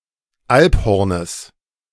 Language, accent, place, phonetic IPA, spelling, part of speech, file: German, Germany, Berlin, [ˈalpˌhɔʁnəs], Alphornes, noun, De-Alphornes.ogg
- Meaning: genitive singular of Alphorn